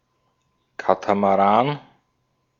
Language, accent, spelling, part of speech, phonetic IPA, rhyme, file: German, Austria, Katamaran, noun, [ˌkatamaˈʁaːn], -aːn, De-at-Katamaran.ogg
- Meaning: catamaran (twin-hulled yacht)